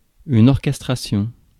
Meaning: orchestration
- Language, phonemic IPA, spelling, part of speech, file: French, /ɔʁ.kɛs.tʁa.sjɔ̃/, orchestration, noun, Fr-orchestration.ogg